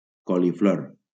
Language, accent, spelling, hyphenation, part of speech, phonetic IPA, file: Catalan, Valencia, coliflor, co‧li‧flor, noun, [ˌkɔ.liˈfloɾ], LL-Q7026 (cat)-coliflor.wav
- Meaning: 1. cauliflower 2. cauliflower coral mushroom (Ramaria botrytis)